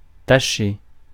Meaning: 1. to soil or stain 2. to tarnish one's reputation
- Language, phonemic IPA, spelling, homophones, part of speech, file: French, /ta.ʃe/, tacher, tâcher, verb, Fr-tacher.ogg